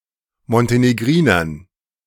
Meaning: dative plural of Montenegriner
- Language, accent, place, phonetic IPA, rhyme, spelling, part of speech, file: German, Germany, Berlin, [mɔnteneˈɡʁiːnɐn], -iːnɐn, Montenegrinern, noun, De-Montenegrinern.ogg